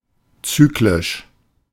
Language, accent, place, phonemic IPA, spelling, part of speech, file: German, Germany, Berlin, /ˈt͡syːklɪʃ/, zyklisch, adjective, De-zyklisch.ogg
- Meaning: cyclic (characterized by, or moving in cycles)